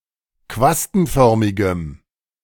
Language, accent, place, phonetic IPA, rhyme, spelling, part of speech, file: German, Germany, Berlin, [ˈkvastn̩ˌfœʁmɪɡəm], -astn̩fœʁmɪɡəm, quastenförmigem, adjective, De-quastenförmigem.ogg
- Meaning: strong dative masculine/neuter singular of quastenförmig